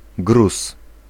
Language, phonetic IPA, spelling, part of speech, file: Polish, [ɡrus], gruz, noun, Pl-gruz.ogg